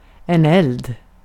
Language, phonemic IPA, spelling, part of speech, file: Swedish, /ˈɛld/, eld, noun, Sv-eld.ogg
- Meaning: fire (continued chemical exothermic reaction where a gaseous material reacts, and which creates enough heat to evaporate more combustible material)